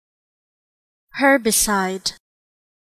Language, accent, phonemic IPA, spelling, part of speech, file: English, US, /ˈ(h)ɝbɪsaɪd/, herbicide, noun, En-us-herbicide.ogg
- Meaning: A substance used to kill plants